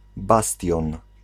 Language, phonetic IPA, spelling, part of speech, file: Polish, [ˈbastʲjɔ̃n], bastion, noun, Pl-bastion.ogg